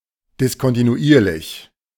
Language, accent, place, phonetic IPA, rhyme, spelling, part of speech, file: German, Germany, Berlin, [dɪskɔntinuˈiːɐ̯lɪç], -iːɐ̯lɪç, diskontinuierlich, adjective, De-diskontinuierlich.ogg
- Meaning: discontinuous, intermittent